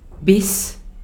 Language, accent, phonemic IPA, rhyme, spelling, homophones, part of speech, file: German, Austria, /bɪs/, -ɪs, bis, Biss, conjunction / preposition, De-at-bis.ogg
- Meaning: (conjunction) 1. until 2. to; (preposition) 1. until, to, (US) through 2. by 3. to; all the way to